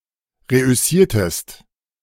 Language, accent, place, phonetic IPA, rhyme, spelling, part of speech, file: German, Germany, Berlin, [ˌʁeʔʏˈsiːɐ̯təst], -iːɐ̯təst, reüssiertest, verb, De-reüssiertest.ogg
- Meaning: inflection of reüssieren: 1. second-person singular preterite 2. second-person singular subjunctive II